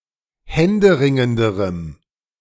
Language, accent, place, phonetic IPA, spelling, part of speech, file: German, Germany, Berlin, [ˈhɛndəˌʁɪŋəndəʁəm], händeringenderem, adjective, De-händeringenderem.ogg
- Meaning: strong dative masculine/neuter singular comparative degree of händeringend